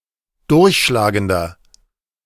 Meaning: 1. comparative degree of durchschlagend 2. inflection of durchschlagend: strong/mixed nominative masculine singular 3. inflection of durchschlagend: strong genitive/dative feminine singular
- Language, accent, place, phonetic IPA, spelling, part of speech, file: German, Germany, Berlin, [ˈdʊʁçʃlaːɡəndɐ], durchschlagender, adjective, De-durchschlagender.ogg